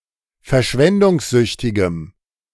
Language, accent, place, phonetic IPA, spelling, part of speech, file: German, Germany, Berlin, [fɛɐ̯ˈʃvɛndʊŋsˌzʏçtɪɡəm], verschwendungssüchtigem, adjective, De-verschwendungssüchtigem.ogg
- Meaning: strong dative masculine/neuter singular of verschwendungssüchtig